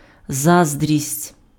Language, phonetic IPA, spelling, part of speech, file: Ukrainian, [ˈzazdʲrʲisʲtʲ], заздрість, noun, Uk-заздрість.ogg
- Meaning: envy